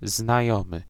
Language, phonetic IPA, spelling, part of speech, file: Polish, [znaˈjɔ̃mɨ], znajomy, noun / adjective, Pl-znajomy.ogg